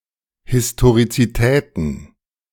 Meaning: plural of Historizität
- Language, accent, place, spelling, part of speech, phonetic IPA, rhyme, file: German, Germany, Berlin, Historizitäten, noun, [ˌhɪstoʁit͡siˈtɛːtn̩], -ɛːtn̩, De-Historizitäten.ogg